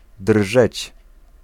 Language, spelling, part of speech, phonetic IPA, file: Polish, drżeć, verb, [drʒɛt͡ɕ], Pl-drżeć.ogg